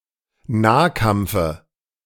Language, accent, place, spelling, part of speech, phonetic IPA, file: German, Germany, Berlin, Nahkampfe, noun, [ˈnaːˌkamp͡fə], De-Nahkampfe.ogg
- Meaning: dative of Nahkampf